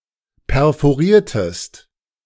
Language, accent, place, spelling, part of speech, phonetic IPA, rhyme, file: German, Germany, Berlin, perforiertest, verb, [pɛʁfoˈʁiːɐ̯təst], -iːɐ̯təst, De-perforiertest.ogg
- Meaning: inflection of perforieren: 1. second-person singular preterite 2. second-person singular subjunctive II